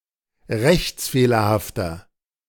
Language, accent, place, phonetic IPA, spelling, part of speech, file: German, Germany, Berlin, [ˈʁɛçt͡sˌfeːlɐhaftɐ], rechtsfehlerhafter, adjective, De-rechtsfehlerhafter.ogg
- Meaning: inflection of rechtsfehlerhaft: 1. strong/mixed nominative masculine singular 2. strong genitive/dative feminine singular 3. strong genitive plural